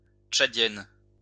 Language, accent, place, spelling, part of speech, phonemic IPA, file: French, France, Lyon, tchadienne, adjective, /tʃa.djɛn/, LL-Q150 (fra)-tchadienne.wav
- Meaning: feminine singular of tchadien